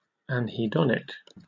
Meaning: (adjective) Showing anhedonia; having no capacity to feel pleasure; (noun) A person who has anhedonia
- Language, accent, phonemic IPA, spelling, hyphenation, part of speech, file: English, Received Pronunciation, /ænhiːˈdɒnɪk/, anhedonic, an‧he‧don‧ic, adjective / noun, En-uk-anhedonic.oga